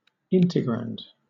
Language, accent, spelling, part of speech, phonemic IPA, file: English, Southern England, integrand, noun, /ˈɪntɪɡɹænd/, LL-Q1860 (eng)-integrand.wav
- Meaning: The function that is to be integrated